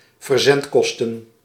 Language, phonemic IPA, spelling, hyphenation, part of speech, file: Dutch, /vərˈzɛntˌkɔs.tə(n)/, verzendkosten, ver‧zend‧kos‧ten, noun, Nl-verzendkosten.ogg
- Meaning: shipping costs, shipping prices